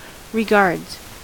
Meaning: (noun) 1. plural of regard 2. Good wishes.: A greeting to pass on to another person 3. Good wishes.: A greeting at the end of a letter or e-mail communication
- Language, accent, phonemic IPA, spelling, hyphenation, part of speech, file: English, US, /ɹɪˈɡɑɹdz/, regards, re‧gards, noun / verb, En-us-regards.ogg